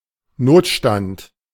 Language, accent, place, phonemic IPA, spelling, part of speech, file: German, Germany, Berlin, /ˈnoːtʃtant/, Notstand, noun, De-Notstand.ogg
- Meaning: emergency, state of emergency